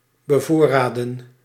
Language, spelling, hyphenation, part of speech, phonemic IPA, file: Dutch, bevoorraden, be‧voor‧ra‧den, verb, /bəˈvoː.raː.də(n)/, Nl-bevoorraden.ogg
- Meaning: to supply, to provision